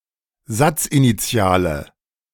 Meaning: inflection of satzinitial: 1. strong/mixed nominative/accusative feminine singular 2. strong nominative/accusative plural 3. weak nominative all-gender singular
- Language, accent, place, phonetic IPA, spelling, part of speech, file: German, Germany, Berlin, [ˈzat͡sʔiniˌt͡si̯aːlə], satzinitiale, adjective, De-satzinitiale.ogg